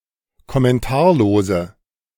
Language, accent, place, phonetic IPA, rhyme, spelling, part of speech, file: German, Germany, Berlin, [kɔmɛnˈtaːɐ̯loːzə], -aːɐ̯loːzə, kommentarlose, adjective, De-kommentarlose.ogg
- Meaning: inflection of kommentarlos: 1. strong/mixed nominative/accusative feminine singular 2. strong nominative/accusative plural 3. weak nominative all-gender singular